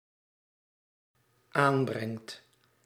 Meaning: second/third-person singular dependent-clause present indicative of aanbrengen
- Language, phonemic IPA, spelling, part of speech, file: Dutch, /ˈambrɛŋt/, aanbrengt, verb, Nl-aanbrengt.ogg